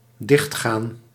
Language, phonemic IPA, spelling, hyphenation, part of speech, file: Dutch, /ˈdɪxt.ɣaːn/, dichtgaan, dicht‧gaan, verb, Nl-dichtgaan.ogg
- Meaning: to close, to shut